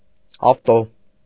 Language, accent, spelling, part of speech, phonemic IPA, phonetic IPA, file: Armenian, Eastern Armenian, ավտո, noun, /ɑfˈto/, [ɑftó], Hy-ավտո.ogg
- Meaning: car, wheels